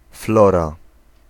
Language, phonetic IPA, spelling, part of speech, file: Polish, [ˈflɔra], flora, noun, Pl-flora.ogg